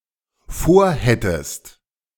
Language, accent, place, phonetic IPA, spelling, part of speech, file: German, Germany, Berlin, [ˈfoːɐ̯ˌhɛtəst], vorhättest, verb, De-vorhättest.ogg
- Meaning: second-person singular dependent subjunctive II of vorhaben